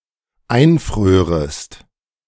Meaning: second-person singular dependent subjunctive II of einfrieren
- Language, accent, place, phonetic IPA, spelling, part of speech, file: German, Germany, Berlin, [ˈaɪ̯nˌfʁøːʁəst], einfrörest, verb, De-einfrörest.ogg